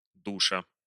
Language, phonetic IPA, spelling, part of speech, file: Russian, [ˈduʂə], душа, noun, Ru-ду́ша.ogg
- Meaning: genitive singular of душ (duš)